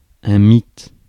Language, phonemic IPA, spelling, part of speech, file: French, /mit/, mythe, noun, Fr-mythe.ogg
- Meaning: 1. myth (story) 2. myth (untruth), old wives' tale